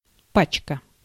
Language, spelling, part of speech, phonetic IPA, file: Russian, пачка, noun, [ˈpat͡ɕkə], Ru-пачка.ogg
- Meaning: 1. bundle, pack, packet, batch, sheaf, package, parcel 2. tutu 3. clip (ammunition)